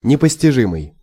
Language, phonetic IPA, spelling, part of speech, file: Russian, [nʲɪpəsʲtʲɪˈʐɨmɨj], непостижимый, adjective, Ru-непостижимый.ogg
- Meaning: incomprehensible (in sense as something fully unintelligible or unfathomable)